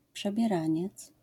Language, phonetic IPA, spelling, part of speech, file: Polish, [ˌpʃɛbʲjɛˈrãɲɛt͡s], przebieraniec, noun, LL-Q809 (pol)-przebieraniec.wav